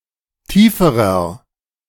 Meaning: inflection of tief: 1. strong/mixed nominative masculine singular comparative degree 2. strong genitive/dative feminine singular comparative degree 3. strong genitive plural comparative degree
- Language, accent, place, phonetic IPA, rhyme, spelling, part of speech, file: German, Germany, Berlin, [ˈtiːfəʁɐ], -iːfəʁɐ, tieferer, adjective, De-tieferer.ogg